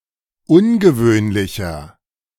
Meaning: inflection of ungewöhnlich: 1. strong/mixed nominative masculine singular 2. strong genitive/dative feminine singular 3. strong genitive plural
- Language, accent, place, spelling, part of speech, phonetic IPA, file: German, Germany, Berlin, ungewöhnlicher, adjective, [ˈʊnɡəˌvøːnlɪçɐ], De-ungewöhnlicher.ogg